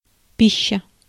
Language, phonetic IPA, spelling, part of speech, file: Russian, [ˈpʲiɕːə], пища, noun, Ru-пища.ogg
- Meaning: food